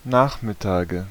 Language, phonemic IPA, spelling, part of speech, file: German, /ˈnaːχmɪˌtaːɡə/, Nachmittage, noun, De-Nachmittage.ogg
- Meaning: nominative/accusative/genitive plural of Nachmittag